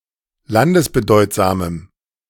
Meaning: strong dative masculine/neuter singular of landesbedeutsam
- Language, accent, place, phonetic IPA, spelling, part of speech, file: German, Germany, Berlin, [ˈlandəsbəˌdɔɪ̯tzaːməm], landesbedeutsamem, adjective, De-landesbedeutsamem.ogg